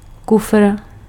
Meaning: 1. suitcase 2. boot (British), trunk (North America) (the rear storage compartment of a car)
- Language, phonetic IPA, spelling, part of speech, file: Czech, [ˈkufr̩], kufr, noun, Cs-kufr.ogg